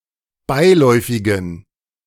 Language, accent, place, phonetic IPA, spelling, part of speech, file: German, Germany, Berlin, [ˈbaɪ̯ˌlɔɪ̯fɪɡn̩], beiläufigen, adjective, De-beiläufigen.ogg
- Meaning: inflection of beiläufig: 1. strong genitive masculine/neuter singular 2. weak/mixed genitive/dative all-gender singular 3. strong/weak/mixed accusative masculine singular 4. strong dative plural